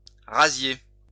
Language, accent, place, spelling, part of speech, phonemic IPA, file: French, France, Lyon, razzier, verb, /ʁa.zje/, LL-Q150 (fra)-razzier.wav
- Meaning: to raid